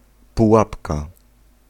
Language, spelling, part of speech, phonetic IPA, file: Polish, pułapka, noun, [puˈwapka], Pl-pułapka.ogg